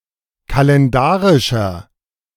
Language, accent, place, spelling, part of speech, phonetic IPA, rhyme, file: German, Germany, Berlin, kalendarischer, adjective, [kalɛnˈdaːʁɪʃɐ], -aːʁɪʃɐ, De-kalendarischer.ogg
- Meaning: inflection of kalendarisch: 1. strong/mixed nominative masculine singular 2. strong genitive/dative feminine singular 3. strong genitive plural